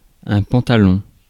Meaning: 1. trousers (UK), pants (US) 2. knickers
- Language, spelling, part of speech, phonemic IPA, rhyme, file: French, pantalon, noun, /pɑ̃.ta.lɔ̃/, -ɔ̃, Fr-pantalon.ogg